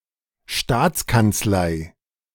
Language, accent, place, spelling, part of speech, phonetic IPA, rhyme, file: German, Germany, Berlin, Staatskanzlei, noun, [ˈʃtaːt͡skant͡sˌlaɪ̯], -aːt͡skant͡slaɪ̯, De-Staatskanzlei.ogg
- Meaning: state chancellery; office of the prime minister